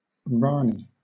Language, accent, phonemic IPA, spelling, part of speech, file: English, Southern England, /ˈɹɑː.niː/, rani, noun, LL-Q1860 (eng)-rani.wav
- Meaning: 1. The wife of a rajah 2. A Hindu princess or female ruler in India